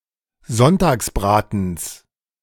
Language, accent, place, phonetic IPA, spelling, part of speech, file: German, Germany, Berlin, [ˈzɔntaːksˌbʁaːtn̩s], Sonntagsbratens, noun, De-Sonntagsbratens.ogg
- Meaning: genitive of Sonntagsbraten